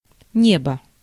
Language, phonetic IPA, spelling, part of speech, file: Russian, [ˈnʲebə], небо, noun, Ru-небо.ogg
- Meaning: 1. sky 2. heaven, firmament 3. air